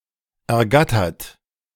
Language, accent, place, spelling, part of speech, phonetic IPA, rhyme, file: German, Germany, Berlin, ergattert, verb, [ɛɐ̯ˈɡatɐt], -atɐt, De-ergattert.ogg
- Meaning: 1. past participle of ergattern 2. inflection of ergattern: third-person singular present 3. inflection of ergattern: second-person plural present 4. inflection of ergattern: plural imperative